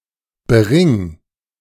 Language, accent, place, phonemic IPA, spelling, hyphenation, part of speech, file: German, Germany, Berlin, /ˈbeːʁɪŋ/, Bering, Be‧ring, proper noun, De-Bering.ogg
- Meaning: a surname